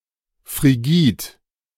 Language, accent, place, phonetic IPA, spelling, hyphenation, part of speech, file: German, Germany, Berlin, [fʁiˈɡiːt], frigid, fri‧gid, adjective, De-frigid.ogg
- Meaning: alternative form of frigide